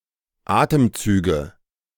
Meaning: nominative/accusative/genitive plural of Atemzug
- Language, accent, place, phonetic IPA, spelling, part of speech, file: German, Germany, Berlin, [ˈaːtəmˌt͡syːɡə], Atemzüge, noun, De-Atemzüge.ogg